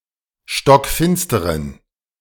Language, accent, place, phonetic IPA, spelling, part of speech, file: German, Germany, Berlin, [ʃtɔkˈfɪnstəʁən], stockfinsteren, adjective, De-stockfinsteren.ogg
- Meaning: inflection of stockfinster: 1. strong genitive masculine/neuter singular 2. weak/mixed genitive/dative all-gender singular 3. strong/weak/mixed accusative masculine singular 4. strong dative plural